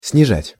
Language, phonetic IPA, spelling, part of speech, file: Russian, [snʲɪˈʐatʲ], снижать, verb, Ru-снижать.ogg
- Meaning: to bring down, to reduce